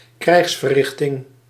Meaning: war action, action taken during a war as part of the war effort
- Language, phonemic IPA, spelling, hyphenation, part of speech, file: Dutch, /ˈkrɛi̯xs.və(r)ˌrɪx.tɪŋ/, krijgsverrichting, krijgs‧ver‧rich‧ting, noun, Nl-krijgsverrichting.ogg